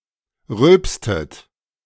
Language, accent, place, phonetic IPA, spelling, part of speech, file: German, Germany, Berlin, [ˈʁʏlpstət], rülpstet, verb, De-rülpstet.ogg
- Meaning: inflection of rülpsen: 1. second-person plural preterite 2. second-person plural subjunctive II